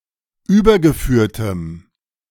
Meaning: strong dative masculine/neuter singular of übergeführt
- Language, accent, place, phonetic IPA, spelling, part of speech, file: German, Germany, Berlin, [ˈyːbɐɡəˌfyːɐ̯təm], übergeführtem, adjective, De-übergeführtem.ogg